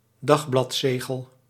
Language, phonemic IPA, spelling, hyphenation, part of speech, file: Dutch, /ˈdɑx.blɑtˌseː.ɣəl/, dagbladzegel, dag‧blad‧ze‧gel, noun, Nl-dagbladzegel.ogg
- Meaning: a stamp duty on newspapers